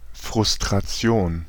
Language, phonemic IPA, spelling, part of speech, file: German, /fʁʊs.tʁaˈt͡si̯oːn/, Frustration, noun, De-Frustration.ogg
- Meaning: frustration